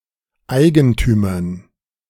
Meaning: dative plural of Eigentum
- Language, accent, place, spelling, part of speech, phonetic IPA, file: German, Germany, Berlin, Eigentümern, noun, [ˈaɪ̯ɡəntyːmɐn], De-Eigentümern.ogg